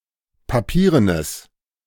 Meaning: strong/mixed nominative/accusative neuter singular of papieren
- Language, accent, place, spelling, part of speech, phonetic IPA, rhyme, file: German, Germany, Berlin, papierenes, adjective, [paˈpiːʁənəs], -iːʁənəs, De-papierenes.ogg